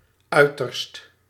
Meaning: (adjective) extreme, utmost; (adverb) extremely
- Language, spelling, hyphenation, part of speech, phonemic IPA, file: Dutch, uiterst, ui‧terst, adjective / adverb, /ˈœy̯.tərst/, Nl-uiterst.ogg